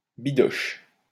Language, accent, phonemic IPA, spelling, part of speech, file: French, France, /bi.dɔʃ/, bidoche, noun, LL-Q150 (fra)-bidoche.wav
- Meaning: meat